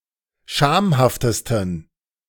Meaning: 1. superlative degree of schamhaft 2. inflection of schamhaft: strong genitive masculine/neuter singular superlative degree
- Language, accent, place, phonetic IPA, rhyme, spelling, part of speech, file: German, Germany, Berlin, [ˈʃaːmhaftəstn̩], -aːmhaftəstn̩, schamhaftesten, adjective, De-schamhaftesten.ogg